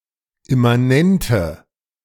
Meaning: inflection of immanent: 1. strong/mixed nominative/accusative feminine singular 2. strong nominative/accusative plural 3. weak nominative all-gender singular
- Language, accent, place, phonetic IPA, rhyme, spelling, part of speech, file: German, Germany, Berlin, [ɪmaˈnɛntə], -ɛntə, immanente, adjective, De-immanente.ogg